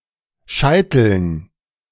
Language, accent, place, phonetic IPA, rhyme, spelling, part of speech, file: German, Germany, Berlin, [ˈʃaɪ̯tl̩n], -aɪ̯tl̩n, Scheiteln, noun, De-Scheiteln.ogg
- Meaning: dative plural of Scheitel